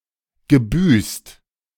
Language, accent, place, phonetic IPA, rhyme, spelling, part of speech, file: German, Germany, Berlin, [ɡəˈbyːst], -yːst, gebüßt, verb, De-gebüßt.ogg
- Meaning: past participle of büßen